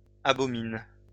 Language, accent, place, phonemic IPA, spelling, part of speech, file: French, France, Lyon, /a.bɔ.min/, abominent, verb, LL-Q150 (fra)-abominent.wav
- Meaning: third-person plural present indicative/subjunctive of abominer